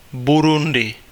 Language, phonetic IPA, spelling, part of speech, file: Czech, [ˈburundɪ], Burundi, proper noun, Cs-Burundi.ogg
- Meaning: Burundi (a country in East Africa)